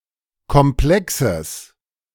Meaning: genitive singular of Komplex
- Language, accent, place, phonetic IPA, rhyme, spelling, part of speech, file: German, Germany, Berlin, [kɔmˈplɛksəs], -ɛksəs, Komplexes, noun, De-Komplexes.ogg